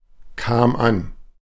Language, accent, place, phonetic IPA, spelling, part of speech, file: German, Germany, Berlin, [ˌkaːm ˈan], kam an, verb, De-kam an.ogg
- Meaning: first/third-person singular preterite of ankommen